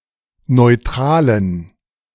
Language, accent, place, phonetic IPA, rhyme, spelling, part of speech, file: German, Germany, Berlin, [nɔɪ̯ˈtʁaːlən], -aːlən, neutralen, adjective, De-neutralen.ogg
- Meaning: inflection of neutral: 1. strong genitive masculine/neuter singular 2. weak/mixed genitive/dative all-gender singular 3. strong/weak/mixed accusative masculine singular 4. strong dative plural